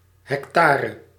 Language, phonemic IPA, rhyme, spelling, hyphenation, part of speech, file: Dutch, /ˌɦɛkˈtaː.rə/, -aːrə, hectare, hec‧ta‧re, noun, Nl-hectare.ogg
- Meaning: hectare